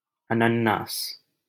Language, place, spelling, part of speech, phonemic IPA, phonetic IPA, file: Hindi, Delhi, अनन्नास, noun, /ə.nən.nɑːs/, [ɐ.nɐ̃n.näːs], LL-Q1568 (hin)-अनन्नास.wav
- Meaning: pineapple (fruit)